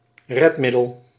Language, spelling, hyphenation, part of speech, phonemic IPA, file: Dutch, redmiddel, red‧middel, noun, /ˈrɛtˌmɪ.dəl/, Nl-redmiddel.ogg
- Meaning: a means of rescuing, saving or solving something; a solution